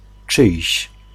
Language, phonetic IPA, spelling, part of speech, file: Polish, [t͡ʃɨjɕ], czyjś, pronoun, Pl-czyjś.ogg